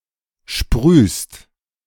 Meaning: second-person singular present of sprühen
- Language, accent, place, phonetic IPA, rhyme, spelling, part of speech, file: German, Germany, Berlin, [ʃpʁyːst], -yːst, sprühst, verb, De-sprühst.ogg